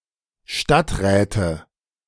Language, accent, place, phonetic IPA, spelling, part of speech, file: German, Germany, Berlin, [ˈʃtatˌʁɛːtə], Stadträte, noun, De-Stadträte.ogg
- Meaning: nominative/accusative/genitive plural of Stadtrat